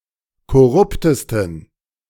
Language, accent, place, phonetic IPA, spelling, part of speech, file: German, Germany, Berlin, [kɔˈʁʊptəstn̩], korruptesten, adjective, De-korruptesten.ogg
- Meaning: 1. superlative degree of korrupt 2. inflection of korrupt: strong genitive masculine/neuter singular superlative degree